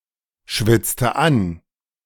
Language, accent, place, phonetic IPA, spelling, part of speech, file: German, Germany, Berlin, [ˌʃvɪt͡stə ˈan], schwitzte an, verb, De-schwitzte an.ogg
- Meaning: inflection of anschwitzen: 1. first/third-person singular preterite 2. first/third-person singular subjunctive II